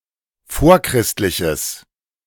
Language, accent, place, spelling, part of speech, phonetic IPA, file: German, Germany, Berlin, vorchristliches, adjective, [ˈfoːɐ̯ˌkʁɪstlɪçəs], De-vorchristliches.ogg
- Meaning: strong/mixed nominative/accusative neuter singular of vorchristlich